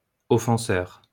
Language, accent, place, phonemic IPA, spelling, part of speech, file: French, France, Lyon, /ɔ.fɑ̃.sœʁ/, offenseur, noun, LL-Q150 (fra)-offenseur.wav
- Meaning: offender